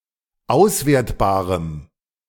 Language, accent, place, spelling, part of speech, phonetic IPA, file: German, Germany, Berlin, auswertbarem, adjective, [ˈaʊ̯sˌveːɐ̯tbaːʁəm], De-auswertbarem.ogg
- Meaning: strong dative masculine/neuter singular of auswertbar